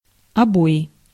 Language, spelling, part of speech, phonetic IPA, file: Russian, обои, noun, [ɐˈboɪ], Ru-обои.ogg
- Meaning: wallpaper